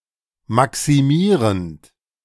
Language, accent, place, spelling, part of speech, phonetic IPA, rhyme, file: German, Germany, Berlin, maximierend, verb, [ˌmaksiˈmiːʁənt], -iːʁənt, De-maximierend.ogg
- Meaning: present participle of maximieren